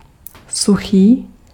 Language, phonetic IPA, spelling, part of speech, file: Czech, [ˈsuxiː], suchý, adjective, Cs-suchý.ogg
- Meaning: dry